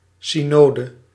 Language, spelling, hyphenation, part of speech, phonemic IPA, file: Dutch, synode, sy‧no‧de, noun, /ˌsiˈnoː.də/, Nl-synode.ogg
- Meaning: synod